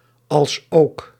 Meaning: as well as
- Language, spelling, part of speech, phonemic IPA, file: Dutch, als ook, conjunction, /ɑlsˈoːk/, Nl-als ook.ogg